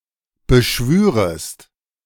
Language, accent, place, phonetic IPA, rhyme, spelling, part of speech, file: German, Germany, Berlin, [bəˈʃvyːʁəst], -yːʁəst, beschwürest, verb, De-beschwürest.ogg
- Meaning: second-person singular subjunctive II of beschwören